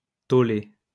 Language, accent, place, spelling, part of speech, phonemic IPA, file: French, France, Lyon, tollé, noun, /tɔ.le/, LL-Q150 (fra)-tollé.wav
- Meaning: outcry; backlash